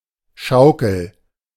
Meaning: 1. swing (seat hanging on two lines) 2. any swinging construction, including seesaws and similar devices
- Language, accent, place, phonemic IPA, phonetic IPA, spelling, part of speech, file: German, Germany, Berlin, /ˈʃaʊ̯kəl/, [ˈʃaʊ̯kl̩], Schaukel, noun, De-Schaukel.ogg